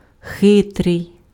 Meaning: cunning, sly
- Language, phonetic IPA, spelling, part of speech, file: Ukrainian, [ˈxɪtrei̯], хитрий, adjective, Uk-хитрий.ogg